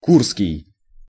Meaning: Kursk
- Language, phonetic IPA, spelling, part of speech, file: Russian, [ˈkurskʲɪj], курский, adjective, Ru-курский.ogg